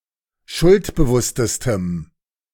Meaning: strong dative masculine/neuter singular superlative degree of schuldbewusst
- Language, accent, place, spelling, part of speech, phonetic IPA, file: German, Germany, Berlin, schuldbewusstestem, adjective, [ˈʃʊltbəˌvʊstəstəm], De-schuldbewusstestem.ogg